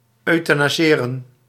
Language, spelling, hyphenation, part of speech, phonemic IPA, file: Dutch, euthanaseren, eu‧tha‧na‧se‧ren, verb, /ˌœy̯.taː.naːˈzeː.rə(n)/, Nl-euthanaseren.ogg
- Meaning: to euthanise, to administer euthanasia to